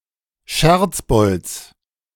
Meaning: genitive of Scherzbold
- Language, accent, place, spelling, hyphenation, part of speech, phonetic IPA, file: German, Germany, Berlin, Scherzbolds, Scherz‧bolds, noun, [ˈʃɛʁt͡sˌbɔlts], De-Scherzbolds.ogg